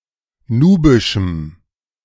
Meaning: strong dative masculine/neuter singular of nubisch
- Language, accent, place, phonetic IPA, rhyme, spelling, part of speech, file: German, Germany, Berlin, [ˈnuːbɪʃm̩], -uːbɪʃm̩, nubischem, adjective, De-nubischem.ogg